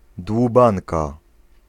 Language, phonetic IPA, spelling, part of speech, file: Polish, [dwuˈbãnka], dłubanka, noun, Pl-dłubanka.ogg